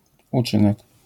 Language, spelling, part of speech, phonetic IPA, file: Polish, uczynek, noun, [uˈt͡ʃɨ̃nɛk], LL-Q809 (pol)-uczynek.wav